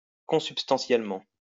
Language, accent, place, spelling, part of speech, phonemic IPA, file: French, France, Lyon, consubstantiellement, adverb, /kɔ̃.syp.stɑ̃.sjɛl.mɑ̃/, LL-Q150 (fra)-consubstantiellement.wav
- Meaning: consubstantially